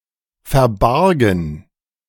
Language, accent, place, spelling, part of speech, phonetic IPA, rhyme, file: German, Germany, Berlin, verbargen, verb, [fɛɐ̯ˈbaʁɡn̩], -aʁɡn̩, De-verbargen.ogg
- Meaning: first/third-person plural preterite of verbergen